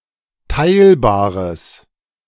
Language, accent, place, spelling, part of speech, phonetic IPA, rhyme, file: German, Germany, Berlin, teilbares, adjective, [ˈtaɪ̯lbaːʁəs], -aɪ̯lbaːʁəs, De-teilbares.ogg
- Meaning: strong/mixed nominative/accusative neuter singular of teilbar